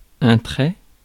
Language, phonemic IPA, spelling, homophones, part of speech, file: French, /tʁɛ/, trait, traie / traient / traies / trais / traits / très, noun / verb, Fr-trait.ogg
- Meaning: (noun) 1. line 2. trait 3. color of a mineral 4. the action of hauling or pulling (by an animal of burden)